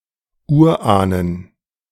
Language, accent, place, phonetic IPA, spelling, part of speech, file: German, Germany, Berlin, [ˈuːɐ̯ˌʔaːnən], Urahnen, noun, De-Urahnen.ogg
- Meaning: plural of Urahn